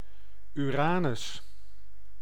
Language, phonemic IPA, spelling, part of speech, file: Dutch, /yˈraː.nʏs/, Uranus, proper noun, Nl-Uranus.ogg
- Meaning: 1. Uranus (planet) 2. Uranus (Greek god)